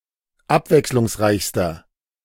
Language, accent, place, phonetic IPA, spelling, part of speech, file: German, Germany, Berlin, [ˈapvɛkslʊŋsˌʁaɪ̯çstɐ], abwechslungsreichster, adjective, De-abwechslungsreichster.ogg
- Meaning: inflection of abwechslungsreich: 1. strong/mixed nominative masculine singular superlative degree 2. strong genitive/dative feminine singular superlative degree